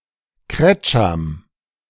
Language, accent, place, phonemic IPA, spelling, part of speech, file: German, Germany, Berlin, /ˈkrɛt͡ʃam/, Kretscham, noun, De-Kretscham.ogg
- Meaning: a village inn or tavern